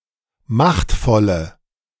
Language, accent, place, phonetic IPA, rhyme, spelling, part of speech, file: German, Germany, Berlin, [ˈmaxtfɔlə], -axtfɔlə, machtvolle, adjective, De-machtvolle.ogg
- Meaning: inflection of machtvoll: 1. strong/mixed nominative/accusative feminine singular 2. strong nominative/accusative plural 3. weak nominative all-gender singular